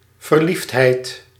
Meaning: amorousness
- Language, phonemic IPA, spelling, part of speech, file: Dutch, /vərˈlifthɛit/, verliefdheid, noun, Nl-verliefdheid.ogg